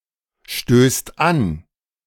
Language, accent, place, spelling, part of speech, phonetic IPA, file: German, Germany, Berlin, stößt an, verb, [ˌʃtøːst ˈan], De-stößt an.ogg
- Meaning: second/third-person singular present of anstoßen